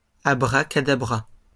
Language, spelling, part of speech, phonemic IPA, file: French, abracadabra, interjection / noun, /a.bʁa.ka.da.bʁa/, LL-Q150 (fra)-abracadabra.wav
- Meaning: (interjection) abracadabra; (noun) 1. an unspecified magical formula 2. a mystical word from kabbalism